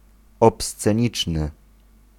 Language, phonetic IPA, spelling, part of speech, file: Polish, [ˌɔpst͡sɛ̃ˈɲit͡ʃnɨ], obsceniczny, adjective, Pl-obsceniczny.ogg